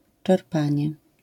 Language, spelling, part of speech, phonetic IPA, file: Polish, czerpanie, noun, [t͡ʃɛrˈpãɲɛ], LL-Q809 (pol)-czerpanie.wav